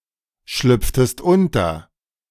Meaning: inflection of unterschlüpfen: 1. second-person singular preterite 2. second-person singular subjunctive II
- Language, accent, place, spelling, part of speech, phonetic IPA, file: German, Germany, Berlin, schlüpftest unter, verb, [ˌʃlʏp͡ftəst ˈʊntɐ], De-schlüpftest unter.ogg